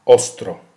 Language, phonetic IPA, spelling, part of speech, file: Polish, [ˈɔstrɔ], ostro, adverb, Pl-ostro.ogg